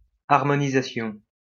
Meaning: harmonization
- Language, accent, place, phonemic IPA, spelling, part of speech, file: French, France, Lyon, /aʁ.mɔ.ni.za.sjɔ̃/, harmonisation, noun, LL-Q150 (fra)-harmonisation.wav